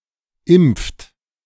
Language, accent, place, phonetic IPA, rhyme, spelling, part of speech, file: German, Germany, Berlin, [ɪmp͡ft], -ɪmp͡ft, impft, verb, De-impft.ogg
- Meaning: inflection of impfen: 1. third-person singular present 2. second-person plural present 3. plural imperative